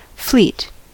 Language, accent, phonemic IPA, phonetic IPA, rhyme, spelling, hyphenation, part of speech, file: English, General American, /ˈfliːt/, [ˈflɪi̯t], -iːt, fleet, fleet, noun / verb / adjective, En-us-fleet.ogg
- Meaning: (noun) A group of vessels or vehicles, generally operating in a unified way or traveling together